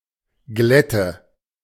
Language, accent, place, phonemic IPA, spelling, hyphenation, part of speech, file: German, Germany, Berlin, /ˈɡlɛtə/, Glätte, Glät‧te, noun, De-Glätte.ogg
- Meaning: 1. smoothness, sleekness, slipperiness 2. icy conditions, ice or hardened snow on roads etc